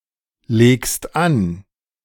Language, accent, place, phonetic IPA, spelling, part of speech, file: German, Germany, Berlin, [ˌleːkst ˈan], legst an, verb, De-legst an.ogg
- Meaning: second-person singular present of anlegen